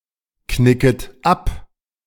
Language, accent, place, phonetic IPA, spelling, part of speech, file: German, Germany, Berlin, [ˌknɪkət ˈap], knicket ab, verb, De-knicket ab.ogg
- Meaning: second-person plural subjunctive I of abknicken